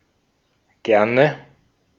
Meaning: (adverb) alternative form of gern. (Both are roughly equally frequent.); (interjection) don't mention it, not at all, you're welcome
- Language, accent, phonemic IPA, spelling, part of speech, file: German, Austria, /ˈɡɛrnə/, gerne, adverb / interjection, De-at-gerne.ogg